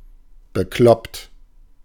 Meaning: nutty, nuts, crazy
- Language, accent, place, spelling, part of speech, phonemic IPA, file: German, Germany, Berlin, bekloppt, adjective, /bəˈklɔpt/, De-bekloppt.ogg